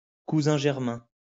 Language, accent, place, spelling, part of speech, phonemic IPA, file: French, France, Lyon, cousin germain, noun, /ku.zɛ̃ ʒɛʁ.mɛ̃/, LL-Q150 (fra)-cousin germain.wav
- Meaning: first cousin, cousin-german